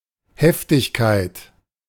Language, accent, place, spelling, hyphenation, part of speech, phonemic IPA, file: German, Germany, Berlin, Heftigkeit, Hef‧tig‧keit, noun, /ˈhɛftɪçˌkaɪ̯t/, De-Heftigkeit.ogg
- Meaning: fierceness, vehemence